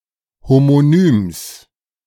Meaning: genitive of Homonym
- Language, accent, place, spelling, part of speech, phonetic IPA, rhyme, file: German, Germany, Berlin, Homonyms, noun, [homoˈnyːms], -yːms, De-Homonyms.ogg